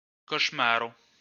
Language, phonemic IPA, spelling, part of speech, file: Esperanto, /koʃˈmaro/, koŝmaro, noun, LL-Q143 (epo)-koŝmaro.wav